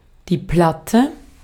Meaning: 1. flat, thin, regularly (not necessarily circular) shaped object 2. A flat, fairly large serving plate, or (by extension) the food served on it
- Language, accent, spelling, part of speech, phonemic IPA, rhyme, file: German, Austria, Platte, noun, /ˈplatə/, -atə, De-at-Platte.ogg